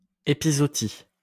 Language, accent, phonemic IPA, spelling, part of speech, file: French, France, /e.pi.zɔ.ɔ.ti/, épizootie, noun, LL-Q150 (fra)-épizootie.wav
- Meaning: epizootic